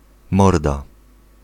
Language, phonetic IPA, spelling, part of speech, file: Polish, [ˈmɔrda], morda, noun / interjection, Pl-morda.ogg